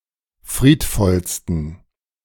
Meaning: 1. superlative degree of friedvoll 2. inflection of friedvoll: strong genitive masculine/neuter singular superlative degree
- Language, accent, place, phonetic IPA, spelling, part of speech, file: German, Germany, Berlin, [ˈfʁiːtˌfɔlstn̩], friedvollsten, adjective, De-friedvollsten.ogg